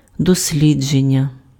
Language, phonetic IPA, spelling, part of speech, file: Ukrainian, [dosʲˈlʲid͡ʒenʲːɐ], дослідження, noun, Uk-дослідження.ogg
- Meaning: 1. investigation, research, study, inquiry 2. exploration